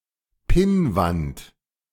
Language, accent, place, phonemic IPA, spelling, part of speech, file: German, Germany, Berlin, /ˈpɪnvant/, Pinnwand, noun, De-Pinnwand.ogg
- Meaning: pinboard